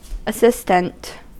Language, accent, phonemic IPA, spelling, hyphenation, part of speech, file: English, US, /əˈsɪstənt/, assistant, as‧sis‧tant, adjective / noun, En-us-assistant.ogg
- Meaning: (adjective) 1. Having a subordinate or auxiliary position 2. Helping; lending aid or support; auxiliary; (noun) Someone who is present; a bystander, a witness